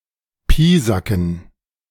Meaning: to torment, to bully with small but repeated acts
- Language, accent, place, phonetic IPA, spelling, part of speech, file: German, Germany, Berlin, [ˈpiːzakn̩], piesacken, verb, De-piesacken.ogg